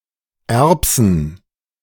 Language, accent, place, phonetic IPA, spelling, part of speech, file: German, Germany, Berlin, [ˈɛʁpsn̩], Erbsen, noun, De-Erbsen.ogg
- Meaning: plural of Erbse